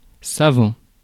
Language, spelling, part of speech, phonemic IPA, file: French, savant, adjective / noun / verb, /sa.vɑ̃/, Fr-savant.ogg
- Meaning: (adjective) 1. scholarly, scientific, learned 2. clever, shrewd, skilful 3. performing, trained; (noun) scholar, scientist; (verb) present participle of savoir